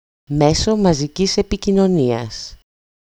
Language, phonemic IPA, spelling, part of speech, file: Greek, /ˈmeso maziˈcis epicinoˈnias/, μέσο μαζικής επικοινωνίας, noun, EL-μέσο μαζικής επικοινωνίας.ogg
- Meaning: medium, mass medium